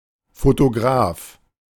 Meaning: photographer
- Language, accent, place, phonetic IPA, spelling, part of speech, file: German, Germany, Berlin, [fotoˈɡʀaːf], Fotograf, noun, De-Fotograf.ogg